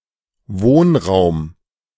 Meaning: housing
- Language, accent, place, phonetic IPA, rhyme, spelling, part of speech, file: German, Germany, Berlin, [ˈvoːnˌʁaʊ̯m], -oːnʁaʊ̯m, Wohnraum, noun, De-Wohnraum.ogg